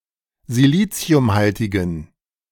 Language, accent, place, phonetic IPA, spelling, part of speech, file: German, Germany, Berlin, [ziˈliːt͡si̯ʊmˌhaltɪɡn̩], siliciumhaltigen, adjective, De-siliciumhaltigen.ogg
- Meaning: inflection of siliciumhaltig: 1. strong genitive masculine/neuter singular 2. weak/mixed genitive/dative all-gender singular 3. strong/weak/mixed accusative masculine singular 4. strong dative plural